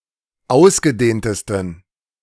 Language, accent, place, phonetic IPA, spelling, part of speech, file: German, Germany, Berlin, [ˈaʊ̯sɡəˌdeːntəstn̩], ausgedehntesten, adjective, De-ausgedehntesten.ogg
- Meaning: 1. superlative degree of ausgedehnt 2. inflection of ausgedehnt: strong genitive masculine/neuter singular superlative degree